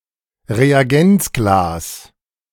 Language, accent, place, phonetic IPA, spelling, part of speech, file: German, Germany, Berlin, [ʁeaˈɡɛnt͡sˌɡlaːs], Reagenzglas, noun, De-Reagenzglas.ogg
- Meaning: test tube